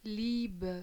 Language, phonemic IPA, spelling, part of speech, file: German, /ˈliːbə/, liebe, adjective / verb, De-liebe.ogg
- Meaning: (adjective) inflection of lieb: 1. strong/mixed nominative/accusative feminine singular 2. strong nominative/accusative plural 3. weak nominative all-gender singular